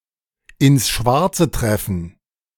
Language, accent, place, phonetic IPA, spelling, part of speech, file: German, Germany, Berlin, [ɪns ˈʃvaʁt͡sə ˈtʁɛfn̩], ins Schwarze treffen, phrase, De-ins Schwarze treffen.ogg
- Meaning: to hit the bullseye